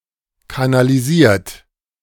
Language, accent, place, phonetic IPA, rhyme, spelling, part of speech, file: German, Germany, Berlin, [kanaliˈziːɐ̯t], -iːɐ̯t, kanalisiert, verb, De-kanalisiert.ogg
- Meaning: 1. past participle of kanalisieren 2. inflection of kanalisieren: third-person singular present 3. inflection of kanalisieren: second-person plural present